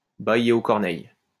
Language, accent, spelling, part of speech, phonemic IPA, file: French, France, bayer aux corneilles, verb, /ba.je o kɔʁ.nɛj/, LL-Q150 (fra)-bayer aux corneilles.wav
- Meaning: to gawk, to stand gaping, to daydream, to have one's head in the clouds; to twiddle one's thumbs, to do nothing